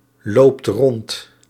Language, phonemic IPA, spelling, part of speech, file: Dutch, /ˈlopt ˈrɔnt/, loopt rond, verb, Nl-loopt rond.ogg
- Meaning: inflection of rondlopen: 1. second/third-person singular present indicative 2. plural imperative